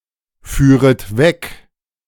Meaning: second-person plural subjunctive II of wegfahren
- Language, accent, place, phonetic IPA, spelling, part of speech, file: German, Germany, Berlin, [ˌfyːʁət ˈvɛk], führet weg, verb, De-führet weg.ogg